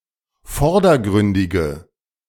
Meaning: inflection of vordergründig: 1. strong/mixed nominative/accusative feminine singular 2. strong nominative/accusative plural 3. weak nominative all-gender singular
- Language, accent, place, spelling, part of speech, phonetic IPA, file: German, Germany, Berlin, vordergründige, adjective, [ˈfɔʁdɐˌɡʁʏndɪɡə], De-vordergründige.ogg